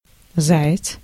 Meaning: 1. hare, jackrabbit 2. one who uses public transportation without buying a ticket, fare dodger, stowaway
- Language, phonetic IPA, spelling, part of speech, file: Russian, [ˈza(j)ɪt͡s], заяц, noun, Ru-заяц.ogg